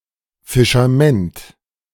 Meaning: a municipality of Lower Austria, Austria
- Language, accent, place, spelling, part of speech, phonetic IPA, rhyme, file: German, Germany, Berlin, Fischamend, proper noun, [ˌfɪʃaˈmɛnt], -ɛnt, De-Fischamend.ogg